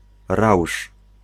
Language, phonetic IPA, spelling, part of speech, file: Polish, [rawʃ], rausz, noun, Pl-rausz.ogg